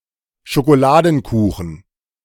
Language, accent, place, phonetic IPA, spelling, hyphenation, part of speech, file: German, Germany, Berlin, [ʃokoˈlaːdn̩ˌkuːxn̩], Schokoladenkuchen, Scho‧ko‧la‧den‧ku‧chen, noun, De-Schokoladenkuchen.ogg
- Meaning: chocolate cake